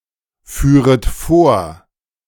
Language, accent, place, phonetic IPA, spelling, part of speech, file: German, Germany, Berlin, [ˌfyːʁət ˈfoːɐ̯], führet vor, verb, De-führet vor.ogg
- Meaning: second-person plural subjunctive I of vorfahren